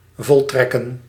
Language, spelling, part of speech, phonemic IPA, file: Dutch, voltrekken, verb, /vɔlˈtrɛkə(n)/, Nl-voltrekken.ogg
- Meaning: 1. to execute, carry out 2. to happen, to take place